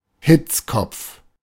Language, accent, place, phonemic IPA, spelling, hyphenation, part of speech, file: German, Germany, Berlin, /ˈhɪt͡skɔp͡f/, Hitzkopf, Hitz‧kopf, noun, De-Hitzkopf.ogg
- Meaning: hothead